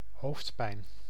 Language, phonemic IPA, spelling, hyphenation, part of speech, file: Dutch, /ˈɦoːft.pɛi̯n/, hoofdpijn, hoofd‧pijn, noun, Nl-hoofdpijn.ogg
- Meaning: headache